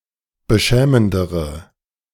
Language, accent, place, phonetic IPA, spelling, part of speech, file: German, Germany, Berlin, [bəˈʃɛːməndəʁə], beschämendere, adjective, De-beschämendere.ogg
- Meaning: inflection of beschämend: 1. strong/mixed nominative/accusative feminine singular comparative degree 2. strong nominative/accusative plural comparative degree